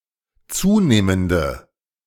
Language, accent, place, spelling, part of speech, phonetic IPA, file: German, Germany, Berlin, zunehmende, adjective, [ˈt͡suːneːməndə], De-zunehmende.ogg
- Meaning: inflection of zunehmend: 1. strong/mixed nominative/accusative feminine singular 2. strong nominative/accusative plural 3. weak nominative all-gender singular